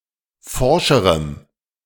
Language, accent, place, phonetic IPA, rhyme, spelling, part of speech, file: German, Germany, Berlin, [ˈfɔʁʃəʁəm], -ɔʁʃəʁəm, forscherem, adjective, De-forscherem.ogg
- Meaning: strong dative masculine/neuter singular comparative degree of forsch